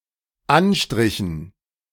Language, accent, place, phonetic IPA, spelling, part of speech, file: German, Germany, Berlin, [ˈanˌʃtʁɪçn̩], Anstrichen, noun, De-Anstrichen.ogg
- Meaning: dative plural of Anstrich